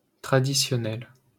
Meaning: traditional
- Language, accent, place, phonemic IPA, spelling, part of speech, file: French, France, Paris, /tʁa.di.sjɔ.nɛl/, traditionnel, adjective, LL-Q150 (fra)-traditionnel.wav